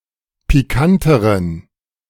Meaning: inflection of pikant: 1. strong genitive masculine/neuter singular comparative degree 2. weak/mixed genitive/dative all-gender singular comparative degree
- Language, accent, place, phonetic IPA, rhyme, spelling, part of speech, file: German, Germany, Berlin, [piˈkantəʁən], -antəʁən, pikanteren, adjective, De-pikanteren.ogg